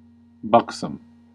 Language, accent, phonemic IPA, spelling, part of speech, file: English, US, /ˈbʌksəm/, buxom, adjective, En-us-buxom.ogg
- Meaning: 1. Having a full, voluptuous figure, especially possessing large breasts 2. Full of health, vigour, and good temper 3. Physically flexible or unresisting